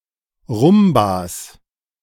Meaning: 1. genitive of Rumba 2. plural of Rumba
- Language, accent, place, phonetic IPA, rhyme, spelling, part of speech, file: German, Germany, Berlin, [ˈʁʊmbas], -ʊmbas, Rumbas, noun, De-Rumbas.ogg